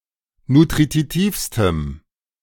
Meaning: strong dative masculine/neuter singular superlative degree of nutritiv
- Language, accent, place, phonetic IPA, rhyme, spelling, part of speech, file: German, Germany, Berlin, [nutʁiˈtiːfstəm], -iːfstəm, nutritivstem, adjective, De-nutritivstem.ogg